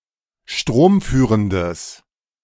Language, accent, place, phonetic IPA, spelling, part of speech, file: German, Germany, Berlin, [ˈʃtʁoːmˌfyːʁəndəs], stromführendes, adjective, De-stromführendes.ogg
- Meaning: strong/mixed nominative/accusative neuter singular of stromführend